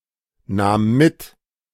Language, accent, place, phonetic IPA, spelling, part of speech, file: German, Germany, Berlin, [ˌnaːm ˈmɪt], nahm mit, verb, De-nahm mit.ogg
- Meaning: first/third-person singular preterite of mitnehmen